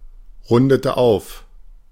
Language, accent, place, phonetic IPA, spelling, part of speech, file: German, Germany, Berlin, [ˌʁʊndətə ˈaʊ̯f], rundete auf, verb, De-rundete auf.ogg
- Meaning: inflection of aufrunden: 1. first/third-person singular preterite 2. first/third-person singular subjunctive II